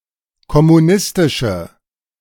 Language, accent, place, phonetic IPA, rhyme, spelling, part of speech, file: German, Germany, Berlin, [kɔmuˈnɪstɪʃə], -ɪstɪʃə, kommunistische, adjective, De-kommunistische.ogg
- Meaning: inflection of kommunistisch: 1. strong/mixed nominative/accusative feminine singular 2. strong nominative/accusative plural 3. weak nominative all-gender singular